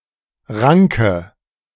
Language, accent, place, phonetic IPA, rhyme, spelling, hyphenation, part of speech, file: German, Germany, Berlin, [ˈʁaŋkə], -aŋkə, Ranke, Ran‧ke, noun, De-Ranke.ogg
- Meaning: tendril (of vine)